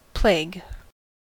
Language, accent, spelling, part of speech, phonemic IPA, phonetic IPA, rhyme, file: English, US, plague, noun / verb, /pleɪɡ/, [pʰl̥eɪɡ], -eɪɡ, En-us-plague.ogg
- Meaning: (noun) The bubonic plague, the pestilent disease caused by the virulent bacterium Yersinia pestis